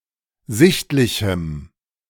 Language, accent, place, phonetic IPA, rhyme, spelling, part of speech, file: German, Germany, Berlin, [ˈzɪçtlɪçm̩], -ɪçtlɪçm̩, sichtlichem, adjective, De-sichtlichem.ogg
- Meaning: strong dative masculine/neuter singular of sichtlich